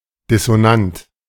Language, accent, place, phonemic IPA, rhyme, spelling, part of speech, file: German, Germany, Berlin, /dɪsoˈnant/, -ant, dissonant, adjective, De-dissonant.ogg
- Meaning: dissonant